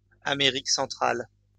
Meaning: Central America (a continental region in North America, consisting of the countries lying between Mexico and South America)
- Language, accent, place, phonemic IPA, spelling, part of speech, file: French, France, Lyon, /a.me.ʁik sɑ̃.tʁal/, Amérique centrale, proper noun, LL-Q150 (fra)-Amérique centrale.wav